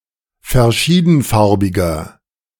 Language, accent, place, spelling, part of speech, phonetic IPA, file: German, Germany, Berlin, verschiedenfarbiger, adjective, [fɛɐ̯ˈʃiːdn̩ˌfaʁbɪɡɐ], De-verschiedenfarbiger.ogg
- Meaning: inflection of verschiedenfarbig: 1. strong/mixed nominative masculine singular 2. strong genitive/dative feminine singular 3. strong genitive plural